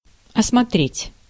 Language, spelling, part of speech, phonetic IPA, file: Russian, осмотреть, verb, [ɐsmɐˈtrʲetʲ], Ru-осмотреть.ogg
- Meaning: 1. to examine, to survey, to inspect 2. to see, to see round, to look round